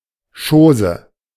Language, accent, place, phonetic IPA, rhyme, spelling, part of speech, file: German, Germany, Berlin, [ˈʃoːzə], -oːzə, Chose, noun, De-Chose.ogg
- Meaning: thing, affair, matter